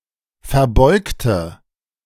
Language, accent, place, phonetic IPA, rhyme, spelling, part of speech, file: German, Germany, Berlin, [fɛɐ̯ˈbɔɪ̯ktə], -ɔɪ̯ktə, verbeugte, adjective / verb, De-verbeugte.ogg
- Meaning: inflection of verbeugen: 1. first/third-person singular preterite 2. first/third-person singular subjunctive II